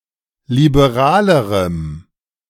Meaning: strong dative masculine/neuter singular comparative degree of liberal
- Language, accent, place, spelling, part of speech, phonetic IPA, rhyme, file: German, Germany, Berlin, liberalerem, adjective, [libeˈʁaːləʁəm], -aːləʁəm, De-liberalerem.ogg